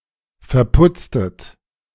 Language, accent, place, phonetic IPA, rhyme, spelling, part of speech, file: German, Germany, Berlin, [fɛɐ̯ˈpʊt͡stət], -ʊt͡stət, verputztet, verb, De-verputztet.ogg
- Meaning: inflection of verputzen: 1. second-person plural preterite 2. second-person plural subjunctive II